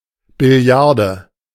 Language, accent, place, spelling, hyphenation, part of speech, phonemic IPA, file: German, Germany, Berlin, Billiarde, Bil‧li‧ar‧de, noun, /bɪˈli̯aʁdə/, De-Billiarde.ogg
- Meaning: quadrillion (10¹⁵)